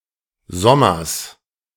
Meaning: summers
- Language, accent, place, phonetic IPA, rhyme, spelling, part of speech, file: German, Germany, Berlin, [ˈzɔmɐs], -ɔmɐs, sommers, adverb, De-sommers.ogg